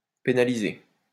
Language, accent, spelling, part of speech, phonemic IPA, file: French, France, pénaliser, verb, /pe.na.li.ze/, LL-Q150 (fra)-pénaliser.wav
- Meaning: 1. to penalize 2. to criminalize